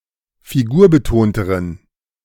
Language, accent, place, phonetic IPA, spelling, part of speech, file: German, Germany, Berlin, [fiˈɡuːɐ̯bəˌtoːntəʁən], figurbetonteren, adjective, De-figurbetonteren.ogg
- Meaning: inflection of figurbetont: 1. strong genitive masculine/neuter singular comparative degree 2. weak/mixed genitive/dative all-gender singular comparative degree